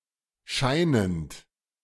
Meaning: present participle of scheinen
- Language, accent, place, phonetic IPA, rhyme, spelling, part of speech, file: German, Germany, Berlin, [ˈʃaɪ̯nənt], -aɪ̯nənt, scheinend, verb, De-scheinend.ogg